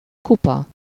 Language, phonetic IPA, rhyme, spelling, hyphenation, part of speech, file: Hungarian, [ˈkupɒ], -pɒ, kupa, ku‧pa, noun, Hu-kupa.ogg
- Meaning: 1. cup, goblet, tankard (a large drinking vessel) 2. cup, trophy 3. watering can 4. head, noddle, nut (only in relation to verbs meaning to strike, to beat)